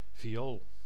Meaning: 1. violin, fiddle 2. any violet, an ornamental fragrant plant of the genus Viola (including the pansy)
- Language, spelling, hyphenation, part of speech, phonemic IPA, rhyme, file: Dutch, viool, vi‧ool, noun, /viˈoːl/, -oːl, Nl-viool.ogg